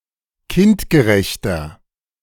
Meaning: 1. comparative degree of kindgerecht 2. inflection of kindgerecht: strong/mixed nominative masculine singular 3. inflection of kindgerecht: strong genitive/dative feminine singular
- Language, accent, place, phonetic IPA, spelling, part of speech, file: German, Germany, Berlin, [ˈkɪntɡəˌʁɛçtɐ], kindgerechter, adjective, De-kindgerechter.ogg